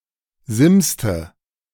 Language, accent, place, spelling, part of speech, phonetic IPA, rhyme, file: German, Germany, Berlin, simste, verb, [ˈzɪmstə], -ɪmstə, De-simste.ogg
- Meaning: inflection of simsen: 1. first/third-person singular preterite 2. first/third-person singular subjunctive II